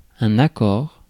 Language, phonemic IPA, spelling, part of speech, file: French, /a.kɔʁ/, accord, noun, Fr-accord.ogg
- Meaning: 1. chord 2. agreement 3. permission, consent